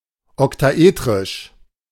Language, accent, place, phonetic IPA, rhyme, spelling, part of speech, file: German, Germany, Berlin, [ɔktaˈʔeːtʁɪʃ], -eːtʁɪʃ, oktaetrisch, adjective, De-oktaetrisch.ogg
- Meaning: alternative form of oktaeterisch